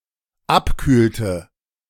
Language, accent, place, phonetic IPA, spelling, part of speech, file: German, Germany, Berlin, [ˈapˌkyːltə], abkühlte, verb, De-abkühlte.ogg
- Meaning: inflection of abkühlen: 1. first/third-person singular dependent preterite 2. first/third-person singular dependent subjunctive II